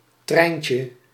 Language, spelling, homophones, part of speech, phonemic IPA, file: Dutch, Trijntje, treintje, proper noun, /ˈtrɛi̯njtjə/, Nl-Trijntje.ogg
- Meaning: a diminutive of the female given name Katharina